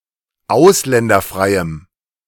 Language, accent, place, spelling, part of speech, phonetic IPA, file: German, Germany, Berlin, ausländerfreiem, adjective, [ˈaʊ̯slɛndɐˌfʁaɪ̯əm], De-ausländerfreiem.ogg
- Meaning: strong dative masculine/neuter singular of ausländerfrei